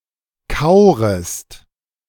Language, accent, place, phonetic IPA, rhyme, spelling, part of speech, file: German, Germany, Berlin, [ˈkaʊ̯ʁəst], -aʊ̯ʁəst, kaurest, verb, De-kaurest.ogg
- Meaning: second-person singular subjunctive I of kauern